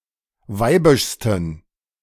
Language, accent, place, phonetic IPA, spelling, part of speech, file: German, Germany, Berlin, [ˈvaɪ̯bɪʃstn̩], weibischsten, adjective, De-weibischsten.ogg
- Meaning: 1. superlative degree of weibisch 2. inflection of weibisch: strong genitive masculine/neuter singular superlative degree